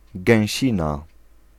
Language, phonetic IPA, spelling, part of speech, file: Polish, [ɡɛ̃w̃ˈɕĩna], gęsina, noun, Pl-gęsina.ogg